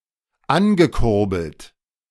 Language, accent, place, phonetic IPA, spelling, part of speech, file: German, Germany, Berlin, [ˈanɡəˌkʊʁbl̩t], angekurbelt, verb, De-angekurbelt.ogg
- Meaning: past participle of ankurbeln